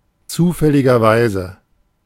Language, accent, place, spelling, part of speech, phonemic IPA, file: German, Germany, Berlin, zufälligerweise, adverb, /ˌt͡suːfɛlɪɡɐˈvaɪ̯zə/, De-zufälligerweise.ogg
- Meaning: accidentally, coincidentally